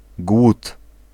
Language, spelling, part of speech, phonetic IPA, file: Polish, głód, noun, [ɡwut], Pl-głód.ogg